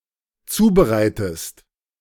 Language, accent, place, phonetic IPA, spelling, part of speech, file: German, Germany, Berlin, [ˈt͡suːbəˌʁaɪ̯təst], zubereitest, verb, De-zubereitest.ogg
- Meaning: inflection of zubereiten: 1. second-person singular dependent present 2. second-person singular dependent subjunctive I